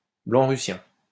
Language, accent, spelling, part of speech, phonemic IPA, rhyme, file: French, France, blanc-russien, adjective, /blɑ̃.ʁy.sjɛ̃/, -ɛ̃, LL-Q150 (fra)-blanc-russien.wav
- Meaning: White Russian (Belarusian)